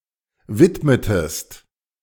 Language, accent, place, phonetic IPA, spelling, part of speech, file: German, Germany, Berlin, [ˈvɪtmətəst], widmetest, verb, De-widmetest.ogg
- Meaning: inflection of widmen: 1. second-person singular preterite 2. second-person singular subjunctive II